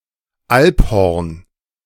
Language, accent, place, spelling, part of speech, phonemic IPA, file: German, Germany, Berlin, Alphorn, noun, /ˈalpˌhɔʁn/, De-Alphorn.ogg
- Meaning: alphorn